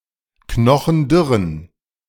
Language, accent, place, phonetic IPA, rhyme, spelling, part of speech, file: German, Germany, Berlin, [ˈknɔxn̩ˈdʏʁən], -ʏʁən, knochendürren, adjective, De-knochendürren.ogg
- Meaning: inflection of knochendürr: 1. strong genitive masculine/neuter singular 2. weak/mixed genitive/dative all-gender singular 3. strong/weak/mixed accusative masculine singular 4. strong dative plural